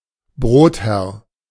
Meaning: employer (male or of unspecified gender)
- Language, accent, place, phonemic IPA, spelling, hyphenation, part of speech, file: German, Germany, Berlin, /ˈbʁoːtˌhɛʁ/, Brotherr, Brot‧herr, noun, De-Brotherr.ogg